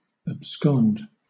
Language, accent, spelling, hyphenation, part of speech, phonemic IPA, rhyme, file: English, Southern England, abscond, ab‧scond, verb, /əbˈskɒnd/, -ɒnd, LL-Q1860 (eng)-abscond.wav
- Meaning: 1. To flee, often secretly; to steal away 2. To flee, often secretly; to steal away.: To hide, conceal, or absent oneself clandestinely, with the intent to avoid legal process